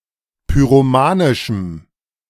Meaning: strong dative masculine/neuter singular of pyromanisch
- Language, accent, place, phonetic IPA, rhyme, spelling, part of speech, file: German, Germany, Berlin, [pyʁoˈmaːnɪʃm̩], -aːnɪʃm̩, pyromanischem, adjective, De-pyromanischem.ogg